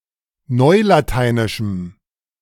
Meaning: strong dative masculine/neuter singular of neulateinisch
- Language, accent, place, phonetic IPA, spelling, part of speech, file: German, Germany, Berlin, [ˈnɔɪ̯lataɪ̯nɪʃm̩], neulateinischem, adjective, De-neulateinischem.ogg